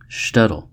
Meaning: A Jewish village or small town, especially one in Eastern Europe
- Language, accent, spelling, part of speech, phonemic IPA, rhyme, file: English, US, shtetl, noun, /ˈʃtɛt(ə)l/, -ɛt(ə)l, En-us-shtetl.ogg